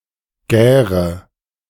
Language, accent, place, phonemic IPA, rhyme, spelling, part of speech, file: German, Germany, Berlin, /ˈɡɛːʁə/, -ɛːʁə, gäre, verb, De-gäre.ogg
- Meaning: inflection of gären: 1. first-person singular present 2. first/third-person singular subjunctive I 3. singular imperative